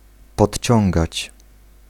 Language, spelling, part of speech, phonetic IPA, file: Polish, podciągać, verb, [pɔtʲˈt͡ɕɔ̃ŋɡat͡ɕ], Pl-podciągać.ogg